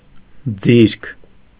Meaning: talent, gift
- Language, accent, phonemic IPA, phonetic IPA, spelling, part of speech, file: Armenian, Eastern Armenian, /d͡ziɾkʰ/, [d͡ziɾkʰ], ձիրք, noun, Hy-ձիրք.ogg